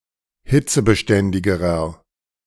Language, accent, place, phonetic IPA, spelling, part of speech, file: German, Germany, Berlin, [ˈhɪt͡səbəˌʃtɛndɪɡəʁɐ], hitzebeständigerer, adjective, De-hitzebeständigerer.ogg
- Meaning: inflection of hitzebeständig: 1. strong/mixed nominative masculine singular comparative degree 2. strong genitive/dative feminine singular comparative degree